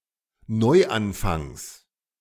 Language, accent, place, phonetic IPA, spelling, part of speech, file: German, Germany, Berlin, [ˈnɔɪ̯ʔanˌfaŋs], Neuanfangs, noun, De-Neuanfangs.ogg
- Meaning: genitive of Neuanfang